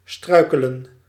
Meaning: to stumble, fall over or trip over an object
- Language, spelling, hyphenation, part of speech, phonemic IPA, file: Dutch, struikelen, strui‧ke‧len, verb, /ˈstrœy̯kələ(n)/, Nl-struikelen.ogg